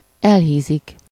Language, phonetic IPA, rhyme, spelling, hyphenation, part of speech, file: Hungarian, [ˈɛlɦiːzik], -iːzik, elhízik, el‧hí‧zik, verb, Hu-elhízik.ogg
- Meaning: to become overweight or obese